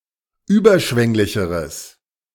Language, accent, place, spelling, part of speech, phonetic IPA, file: German, Germany, Berlin, überschwänglicheres, adjective, [ˈyːbɐˌʃvɛŋlɪçəʁəs], De-überschwänglicheres.ogg
- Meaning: strong/mixed nominative/accusative neuter singular comparative degree of überschwänglich